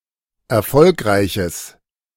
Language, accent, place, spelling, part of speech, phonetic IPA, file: German, Germany, Berlin, erfolgreiches, adjective, [ɛɐ̯ˈfɔlkʁaɪ̯çəs], De-erfolgreiches.ogg
- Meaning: strong/mixed nominative/accusative neuter singular of erfolgreich